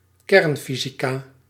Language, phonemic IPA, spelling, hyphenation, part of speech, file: Dutch, /ˈkɛrnˌfi.zi.kaː/, kernfysica, kern‧fy‧si‧ca, noun, Nl-kernfysica.ogg
- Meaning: nuclear physics